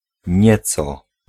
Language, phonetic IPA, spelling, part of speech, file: Polish, [ˈɲɛt͡sɔ], nieco, adverb / pronoun, Pl-nieco.ogg